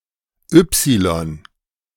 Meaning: 1. Y (letter of the Latin alphabet) 2. upsilon (letter of the Greek alphabet)
- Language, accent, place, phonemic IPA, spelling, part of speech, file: German, Germany, Berlin, /ˈʏpsilɔn/, Ypsilon, noun, De-Ypsilon.ogg